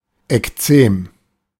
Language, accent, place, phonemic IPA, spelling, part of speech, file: German, Germany, Berlin, /ɛkˈtseːm/, Ekzem, noun, De-Ekzem.ogg
- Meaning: eczema (acute or chronic inflammation of the skin)